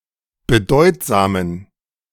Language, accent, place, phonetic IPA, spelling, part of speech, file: German, Germany, Berlin, [bəˈdɔɪ̯tzaːmən], bedeutsamen, adjective, De-bedeutsamen.ogg
- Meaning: inflection of bedeutsam: 1. strong genitive masculine/neuter singular 2. weak/mixed genitive/dative all-gender singular 3. strong/weak/mixed accusative masculine singular 4. strong dative plural